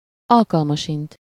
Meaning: 1. probably (in all likelihood) 2. when (an) opportunity arises, should (the) occasion arise
- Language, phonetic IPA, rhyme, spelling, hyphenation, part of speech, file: Hungarian, [ˈɒlkɒlmɒʃint], -int, alkalmasint, al‧kal‧ma‧sint, adverb, Hu-alkalmasint.ogg